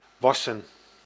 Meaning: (verb) 1. to wash, to clean 2. to grow, to rise, to increase, to become higher and/or bigger, to wax; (adjective) made of wax, waxen; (verb) to rub wax on, to wax
- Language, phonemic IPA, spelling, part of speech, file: Dutch, /ˈʋɑ.sə(n)/, wassen, verb / adjective, Nl-wassen.ogg